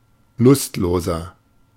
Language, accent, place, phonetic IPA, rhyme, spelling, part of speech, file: German, Germany, Berlin, [ˈlʊstˌloːzɐ], -ʊstloːzɐ, lustloser, adjective, De-lustloser.ogg
- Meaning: 1. comparative degree of lustlos 2. inflection of lustlos: strong/mixed nominative masculine singular 3. inflection of lustlos: strong genitive/dative feminine singular